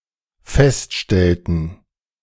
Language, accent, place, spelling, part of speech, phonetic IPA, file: German, Germany, Berlin, feststellten, verb, [ˈfɛstˌʃtɛltn̩], De-feststellten.ogg
- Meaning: inflection of feststellen: 1. first/third-person plural dependent preterite 2. first/third-person plural dependent subjunctive II